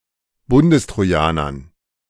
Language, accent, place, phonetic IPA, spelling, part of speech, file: German, Germany, Berlin, [ˈbʊndəstʁoˌjaːnɐn], Bundestrojanern, noun, De-Bundestrojanern.ogg
- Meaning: dative plural of Bundestrojaner